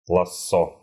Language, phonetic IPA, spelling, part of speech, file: Russian, [ɫɐˈsːo], лассо, noun, Ru-лассо.ogg
- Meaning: lasso (a long rope with a sliding loop)